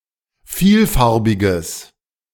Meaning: strong/mixed nominative/accusative neuter singular of vielfarbig
- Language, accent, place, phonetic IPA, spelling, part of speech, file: German, Germany, Berlin, [ˈfiːlˌfaʁbɪɡəs], vielfarbiges, adjective, De-vielfarbiges.ogg